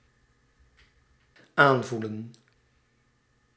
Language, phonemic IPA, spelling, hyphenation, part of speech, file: Dutch, /ˈaːnˌvu.lə(n)/, aanvoelen, aan‧voe‧len, verb, Nl-aanvoelen.ogg
- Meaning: 1. to have feeling for, to sense 2. to feel, to be to the touch 3. to feel